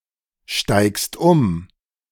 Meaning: second-person singular present of umsteigen
- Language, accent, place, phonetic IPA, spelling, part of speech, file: German, Germany, Berlin, [ˌʃtaɪ̯kst ˈʊm], steigst um, verb, De-steigst um.ogg